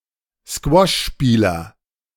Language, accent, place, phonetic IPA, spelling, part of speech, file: German, Germany, Berlin, [ˈskvɔʃˌʃpiːlɐ], Squashspieler, noun, De-Squashspieler.ogg
- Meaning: squash player